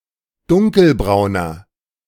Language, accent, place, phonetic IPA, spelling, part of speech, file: German, Germany, Berlin, [ˈdʊŋkəlˌbʁaʊ̯nɐ], dunkelbrauner, adjective, De-dunkelbrauner.ogg
- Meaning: inflection of dunkelbraun: 1. strong/mixed nominative masculine singular 2. strong genitive/dative feminine singular 3. strong genitive plural